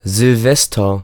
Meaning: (noun) New Year's Eve; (proper noun) a male given name
- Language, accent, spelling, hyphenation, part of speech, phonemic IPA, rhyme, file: German, Germany, Silvester, Sil‧ves‧ter, noun / proper noun, /zɪlˈvɛstɐ/, -ɛstɐ, De-Silvester.ogg